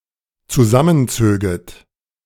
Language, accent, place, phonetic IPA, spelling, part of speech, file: German, Germany, Berlin, [t͡suˈzamənˌt͡søːɡət], zusammenzöget, verb, De-zusammenzöget.ogg
- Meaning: second-person plural dependent subjunctive II of zusammenziehen